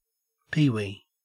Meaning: 1. A short or small person; a small object 2. A kind of small marble in children's games 3. A player in a sports league for very young children 4. A magpie-lark or mudlark (Grallina cyanoleuca)
- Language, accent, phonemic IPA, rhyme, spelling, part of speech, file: English, Australia, /ˈpiːwiː/, -iːwi, peewee, noun, En-au-peewee.ogg